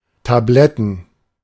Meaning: plural of Tablette
- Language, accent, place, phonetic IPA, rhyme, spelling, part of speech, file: German, Germany, Berlin, [taˈblɛtn̩], -ɛtn̩, Tabletten, noun, De-Tabletten.ogg